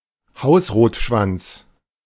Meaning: black redstart (Phoenicurus ochruros)
- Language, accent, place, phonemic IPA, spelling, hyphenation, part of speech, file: German, Germany, Berlin, /ˈhaʊ̯sʁoːtʃvant͡s/, Hausrotschwanz, Haus‧rot‧schwanz, noun, De-Hausrotschwanz.ogg